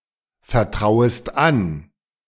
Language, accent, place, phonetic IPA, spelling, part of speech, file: German, Germany, Berlin, [fɛɐ̯ˌtʁaʊ̯əst ˈan], vertrauest an, verb, De-vertrauest an.ogg
- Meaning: second-person singular subjunctive I of anvertrauen